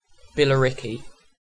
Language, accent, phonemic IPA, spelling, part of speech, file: English, UK, /bɪləˈɹɪkiː/, Billericay, proper noun, En-uk-Billericay.ogg
- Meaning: A town and civil parish in Basildon borough, Essex, England (OS grid ref TQ6794)